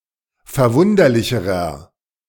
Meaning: inflection of verwunderlich: 1. strong/mixed nominative masculine singular comparative degree 2. strong genitive/dative feminine singular comparative degree
- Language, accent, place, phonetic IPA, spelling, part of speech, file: German, Germany, Berlin, [fɛɐ̯ˈvʊndɐlɪçəʁɐ], verwunderlicherer, adjective, De-verwunderlicherer.ogg